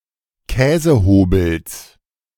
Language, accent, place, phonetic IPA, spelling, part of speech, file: German, Germany, Berlin, [ˈkɛːzəˌhoːbl̩s], Käsehobels, noun, De-Käsehobels.ogg
- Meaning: genitive of Käsehobel